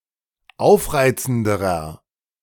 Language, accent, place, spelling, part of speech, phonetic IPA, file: German, Germany, Berlin, aufreizenderer, adjective, [ˈaʊ̯fˌʁaɪ̯t͡sn̩dəʁɐ], De-aufreizenderer.ogg
- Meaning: inflection of aufreizend: 1. strong/mixed nominative masculine singular comparative degree 2. strong genitive/dative feminine singular comparative degree 3. strong genitive plural comparative degree